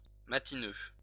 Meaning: That is habitually an early riser; early-rising
- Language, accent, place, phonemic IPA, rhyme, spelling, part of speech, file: French, France, Lyon, /ma.ti.nø/, -ø, matineux, adjective, LL-Q150 (fra)-matineux.wav